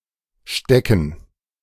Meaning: 1. stick 2. gerund of stecken
- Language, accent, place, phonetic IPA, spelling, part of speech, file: German, Germany, Berlin, [ˈʃtɛkŋ̩], Stecken, noun, De-Stecken.ogg